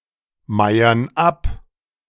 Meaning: inflection of abmeiern: 1. first/third-person plural present 2. first/third-person plural subjunctive I
- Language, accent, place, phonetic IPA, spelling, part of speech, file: German, Germany, Berlin, [ˌmaɪ̯ɐn ˈap], meiern ab, verb, De-meiern ab.ogg